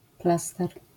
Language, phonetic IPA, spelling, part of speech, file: Polish, [ˈplastɛr], plaster, noun, LL-Q809 (pol)-plaster.wav